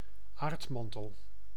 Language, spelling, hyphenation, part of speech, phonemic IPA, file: Dutch, aardmantel, aard‧man‧tel, noun, /ˈaːrtˌmɑn.təl/, Nl-aardmantel.ogg
- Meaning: mantle, Earth's mantle